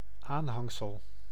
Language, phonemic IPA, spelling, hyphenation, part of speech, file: Dutch, /ˈaːnˌɦɑŋ.səl/, aanhangsel, aan‧hang‧sel, noun, Nl-aanhangsel.ogg
- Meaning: 1. attachment 2. appendix